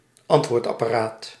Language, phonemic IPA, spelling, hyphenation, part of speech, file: Dutch, /ˈɑnt.ʋoːrt.ɑ.paːˌraːt/, antwoordapparaat, ant‧woord‧ap‧pa‧raat, noun, Nl-antwoordapparaat.ogg
- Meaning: answering machine